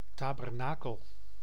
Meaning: 1. tabernacle (tent used as temple) 2. tabernacle (cupboard for storing consecrated hosts in Catholic churches)
- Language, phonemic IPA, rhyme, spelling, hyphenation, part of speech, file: Dutch, /ˌtaːbərˈnaːkəl/, -aːkəl, tabernakel, ta‧ber‧na‧kel, noun, Nl-tabernakel.ogg